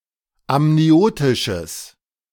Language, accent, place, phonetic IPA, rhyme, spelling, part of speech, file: German, Germany, Berlin, [amniˈoːtɪʃəs], -oːtɪʃəs, amniotisches, adjective, De-amniotisches.ogg
- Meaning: strong/mixed nominative/accusative neuter singular of amniotisch